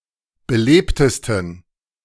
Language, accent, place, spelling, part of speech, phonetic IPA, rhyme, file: German, Germany, Berlin, belebtesten, adjective, [bəˈleːptəstn̩], -eːptəstn̩, De-belebtesten.ogg
- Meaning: 1. superlative degree of belebt 2. inflection of belebt: strong genitive masculine/neuter singular superlative degree